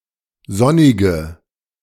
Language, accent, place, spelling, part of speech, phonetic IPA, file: German, Germany, Berlin, sonnige, adjective, [ˈzɔnɪɡə], De-sonnige.ogg
- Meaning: inflection of sonnig: 1. strong/mixed nominative/accusative feminine singular 2. strong nominative/accusative plural 3. weak nominative all-gender singular 4. weak accusative feminine/neuter singular